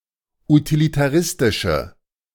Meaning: inflection of utilitaristisch: 1. strong/mixed nominative/accusative feminine singular 2. strong nominative/accusative plural 3. weak nominative all-gender singular
- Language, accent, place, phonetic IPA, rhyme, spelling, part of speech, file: German, Germany, Berlin, [utilitaˈʁɪstɪʃə], -ɪstɪʃə, utilitaristische, adjective, De-utilitaristische.ogg